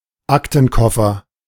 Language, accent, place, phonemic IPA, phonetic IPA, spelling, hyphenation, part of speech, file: German, Germany, Berlin, /ˈaktənˌkɔfər/, [ˈʔäktn̩ˌkɔfɐ], Aktenkoffer, Ak‧ten‧kof‧fer, noun, De-Aktenkoffer.ogg
- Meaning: attaché case (briefcase with a hard, rectangular surface)